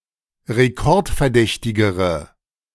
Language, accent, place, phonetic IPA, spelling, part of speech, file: German, Germany, Berlin, [ʁeˈkɔʁtfɛɐ̯ˌdɛçtɪɡəʁə], rekordverdächtigere, adjective, De-rekordverdächtigere.ogg
- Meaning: inflection of rekordverdächtig: 1. strong/mixed nominative/accusative feminine singular comparative degree 2. strong nominative/accusative plural comparative degree